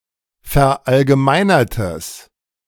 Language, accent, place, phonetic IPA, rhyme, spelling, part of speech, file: German, Germany, Berlin, [fɛɐ̯ʔalɡəˈmaɪ̯nɐtəs], -aɪ̯nɐtəs, verallgemeinertes, adjective, De-verallgemeinertes.ogg
- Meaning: strong/mixed nominative/accusative neuter singular of verallgemeinert